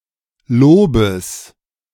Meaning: genitive singular of Lob
- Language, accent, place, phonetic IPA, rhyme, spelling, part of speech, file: German, Germany, Berlin, [ˈloːbəs], -oːbəs, Lobes, noun, De-Lobes.ogg